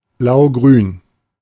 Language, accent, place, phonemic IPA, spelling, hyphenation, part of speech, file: German, Germany, Berlin, /ˈblaʊ̯ˌɡʁyːn/, blaugrün, blau‧grün, adjective, De-blaugrün.ogg
- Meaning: blue-green, cyan, glaucous